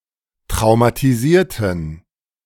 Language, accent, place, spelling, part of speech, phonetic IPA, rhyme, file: German, Germany, Berlin, traumatisierten, adjective / verb, [tʁaʊ̯matiˈziːɐ̯tn̩], -iːɐ̯tn̩, De-traumatisierten.ogg
- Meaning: inflection of traumatisieren: 1. first/third-person plural preterite 2. first/third-person plural subjunctive II